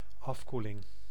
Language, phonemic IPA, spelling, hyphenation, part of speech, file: Dutch, /ˈɑfˌku.lɪŋ/, afkoeling, af‧koe‧ling, noun, Nl-afkoeling.ogg
- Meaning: cooling down, cooling off (act or process of making/becoming cooler)